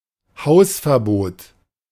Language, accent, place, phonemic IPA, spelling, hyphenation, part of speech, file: German, Germany, Berlin, /ˈhaʊ̯sfɛɐ̯ˌboːt/, Hausverbot, Haus‧ver‧bot, noun, De-Hausverbot.ogg
- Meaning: ban on entering the house or premises